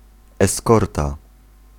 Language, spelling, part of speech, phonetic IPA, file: Polish, eskorta, noun, [ɛˈskɔrta], Pl-eskorta.ogg